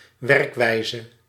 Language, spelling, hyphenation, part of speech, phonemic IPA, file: Dutch, werkwijze, werk‧wij‧ze, noun, /ˈʋɛrk.ʋɛi̯.zə/, Nl-werkwijze.ogg
- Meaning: working method, working procedure